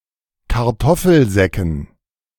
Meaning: dative plural of Kartoffelsack
- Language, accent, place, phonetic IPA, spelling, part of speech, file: German, Germany, Berlin, [kaʁˈtɔfl̩ˌzɛkn̩], Kartoffelsäcken, noun, De-Kartoffelsäcken.ogg